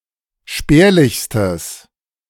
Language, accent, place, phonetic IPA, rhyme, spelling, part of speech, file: German, Germany, Berlin, [ˈʃpɛːɐ̯lɪçstəs], -ɛːɐ̯lɪçstəs, spärlichstes, adjective, De-spärlichstes.ogg
- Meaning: strong/mixed nominative/accusative neuter singular superlative degree of spärlich